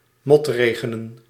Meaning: to drizzle, rain lightly
- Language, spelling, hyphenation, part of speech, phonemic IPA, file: Dutch, motregenen, mot‧re‧ge‧nen, verb, /ˈmɔtˌreː.ɣə.nə(n)/, Nl-motregenen.ogg